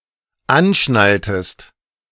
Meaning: inflection of anschnallen: 1. second-person singular dependent preterite 2. second-person singular dependent subjunctive II
- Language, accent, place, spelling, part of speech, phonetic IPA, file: German, Germany, Berlin, anschnalltest, verb, [ˈanˌʃnaltəst], De-anschnalltest.ogg